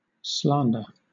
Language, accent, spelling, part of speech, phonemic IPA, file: English, Southern England, slander, noun / verb, /ˈslɑːndə/, LL-Q1860 (eng)-slander.wav
- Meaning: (noun) A false or unsupported, malicious statement (spoken, not written), especially one which is injurious to a person's reputation; the making of such a statement